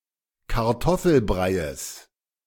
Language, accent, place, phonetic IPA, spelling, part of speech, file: German, Germany, Berlin, [kaʁˈtɔfl̩ˌbʁaɪ̯əs], Kartoffelbreies, noun, De-Kartoffelbreies.ogg
- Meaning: genitive singular of Kartoffelbrei